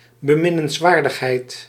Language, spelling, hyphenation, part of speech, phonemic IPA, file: Dutch, beminnenswaardigheid, be‧min‧nens‧waar‧dig‧heid, noun, /bəˌmɪ.nənsˈʋaːr.dəx.ɦɛi̯t/, Nl-beminnenswaardigheid.ogg
- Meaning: lovableness